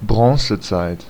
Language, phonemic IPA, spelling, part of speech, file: German, /ˈbʁɔŋsəˌtsaɪ̯t/, Bronzezeit, noun, De-Bronzezeit.ogg
- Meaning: Bronze Age